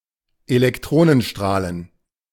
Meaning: plural of Elektronenstrahl
- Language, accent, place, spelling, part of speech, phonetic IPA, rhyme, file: German, Germany, Berlin, Elektronenstrahlen, noun, [elɛkˈtʁoːnənˌʃtʁaːlən], -oːnənʃtʁaːlən, De-Elektronenstrahlen.ogg